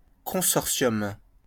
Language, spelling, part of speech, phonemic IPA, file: French, consortium, noun, /kɔ̃.sɔʁ.sjɔm/, LL-Q150 (fra)-consortium.wav
- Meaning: 1. consortium (association, arrangement) 2. cartel